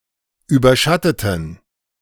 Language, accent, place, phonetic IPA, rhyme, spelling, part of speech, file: German, Germany, Berlin, [ˌyːbɐˈʃatətn̩], -atətn̩, überschatteten, adjective / verb, De-überschatteten.ogg
- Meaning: inflection of überschatten: 1. first/third-person plural preterite 2. first/third-person plural subjunctive II